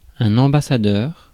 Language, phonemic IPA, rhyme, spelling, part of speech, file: French, /ɑ̃.ba.sa.dœʁ/, -œʁ, ambassadeur, noun, Fr-ambassadeur.ogg
- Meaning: ambassador